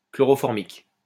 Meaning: chloroformic
- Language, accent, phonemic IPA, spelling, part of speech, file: French, France, /klɔ.ʁɔ.fɔʁ.mik/, chloroformique, adjective, LL-Q150 (fra)-chloroformique.wav